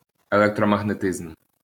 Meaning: electromagnetism
- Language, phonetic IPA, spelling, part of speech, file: Ukrainian, [eɫektrɔmɐɦneˈtɪzm], електромагнетизм, noun, LL-Q8798 (ukr)-електромагнетизм.wav